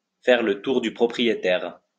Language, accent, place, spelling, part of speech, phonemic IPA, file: French, France, Lyon, faire le tour du propriétaire, verb, /fɛʁ lə tuʁ dy pʁɔ.pʁi.je.tɛʁ/, LL-Q150 (fra)-faire le tour du propriétaire.wav
- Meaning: to look around a property, to visit a place such as an apartment, to be shown around a place